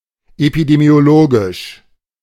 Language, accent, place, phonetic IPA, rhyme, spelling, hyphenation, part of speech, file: German, Germany, Berlin, [epidemi̯oˈloːɡɪʃ], -oːɡɪʃ, epidemiologisch, epi‧de‧mio‧lo‧gisch, adjective / adverb, De-epidemiologisch.ogg
- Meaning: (adjective) epidemiologic, epidemiological; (adverb) epidemiologically